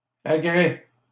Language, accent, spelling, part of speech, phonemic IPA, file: French, Canada, agrès, noun, /a.ɡʁɛ/, LL-Q150 (fra)-agrès.wav
- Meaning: 1. rigging, gear (of a ship) 2. apparatus 3. harnesses, riggings or fittings for a horse 4. agricultural equipment